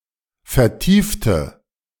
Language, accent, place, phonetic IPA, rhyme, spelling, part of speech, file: German, Germany, Berlin, [fɛɐ̯ˈtiːftə], -iːftə, vertiefte, adjective / verb, De-vertiefte.ogg
- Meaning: inflection of vertiefen: 1. first/third-person singular preterite 2. first/third-person singular subjunctive II